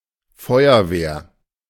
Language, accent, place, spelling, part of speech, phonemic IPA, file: German, Germany, Berlin, Feuerwehr, noun, /ˈfɔɪ̯ɐˌveːɐ̯/, De-Feuerwehr.ogg
- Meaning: 1. fire brigade 2. fire department